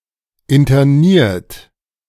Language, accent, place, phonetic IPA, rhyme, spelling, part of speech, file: German, Germany, Berlin, [ɪntɐˈniːɐ̯t], -iːɐ̯t, interniert, adjective / verb, De-interniert.ogg
- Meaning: 1. past participle of internieren 2. inflection of internieren: third-person singular present 3. inflection of internieren: second-person plural present 4. inflection of internieren: plural imperative